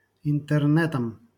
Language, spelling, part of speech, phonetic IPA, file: Russian, интернетом, noun, [ɪntɨrˈnɛtəm], LL-Q7737 (rus)-интернетом.wav
- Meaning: instrumental singular of интерне́т (intɛrnɛ́t)